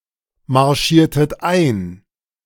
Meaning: inflection of einmarschieren: 1. second-person plural preterite 2. second-person plural subjunctive II
- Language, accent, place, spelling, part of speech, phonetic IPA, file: German, Germany, Berlin, marschiertet ein, verb, [maʁˌʃiːɐ̯tət ˈaɪ̯n], De-marschiertet ein.ogg